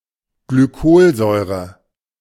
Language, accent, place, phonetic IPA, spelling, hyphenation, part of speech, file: German, Germany, Berlin, [ɡlyˈkoːlˌzɔɪ̯ʁə], Glycolsäure, Gly‧col‧säu‧re, noun, De-Glycolsäure.ogg
- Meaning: glycolic acid